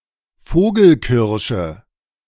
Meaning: sweet cherry (Prunus avium)
- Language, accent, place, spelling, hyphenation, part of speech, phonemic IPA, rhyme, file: German, Germany, Berlin, Vogelkirsche, Vo‧gel‧kir‧sche, noun, /ˈfoːɡl̩ˌkɪʁʃə/, -ɪʁʃə, De-Vogelkirsche.ogg